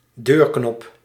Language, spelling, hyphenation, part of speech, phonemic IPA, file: Dutch, deurknop, deur‧knop, noun, /ˈdøːr.knɔp/, Nl-deurknop.ogg
- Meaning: doorknob